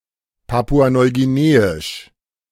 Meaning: Papua New Guinean
- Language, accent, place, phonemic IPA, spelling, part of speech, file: German, Germany, Berlin, /ˈpaːpu̯a ˌnɔɪ̯ɡiˈneːɪʃ/, papua-neuguineisch, adjective, De-papua-neuguineisch.ogg